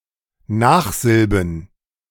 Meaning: plural of Nachsilbe
- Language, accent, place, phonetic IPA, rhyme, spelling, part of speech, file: German, Germany, Berlin, [ˈnaːxˌzɪlbn̩], -aːxzɪlbn̩, Nachsilben, noun, De-Nachsilben.ogg